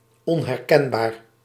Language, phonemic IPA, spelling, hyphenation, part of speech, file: Dutch, /ˌɔn.ɦɛrˈkɛn.baːr/, onherkenbaar, on‧her‧ken‧baar, adjective, Nl-onherkenbaar.ogg
- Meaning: unrecognizable